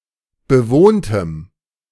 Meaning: strong dative masculine/neuter singular of bewohnt
- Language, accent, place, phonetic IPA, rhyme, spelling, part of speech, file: German, Germany, Berlin, [bəˈvoːntəm], -oːntəm, bewohntem, adjective, De-bewohntem.ogg